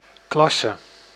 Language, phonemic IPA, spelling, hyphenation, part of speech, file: Dutch, /ˈklɑ.sə/, klasse, klas‧se, noun / adjective, Nl-klasse.ogg
- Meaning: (noun) 1. quality, class 2. social class 3. classification 4. class; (adjective) Of high quality; superb